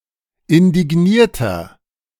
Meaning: 1. comparative degree of indigniert 2. inflection of indigniert: strong/mixed nominative masculine singular 3. inflection of indigniert: strong genitive/dative feminine singular
- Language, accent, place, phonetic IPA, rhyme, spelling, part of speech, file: German, Germany, Berlin, [ɪndɪˈɡniːɐ̯tɐ], -iːɐ̯tɐ, indignierter, adjective, De-indignierter.ogg